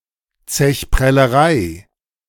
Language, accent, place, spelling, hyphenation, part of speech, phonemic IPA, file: German, Germany, Berlin, Zechprellerei, Zech‧prel‧le‧rei, noun, /ˈt͡sɛçˌpʁɛləʁaɪ̯/, De-Zechprellerei.ogg
- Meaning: dine and dash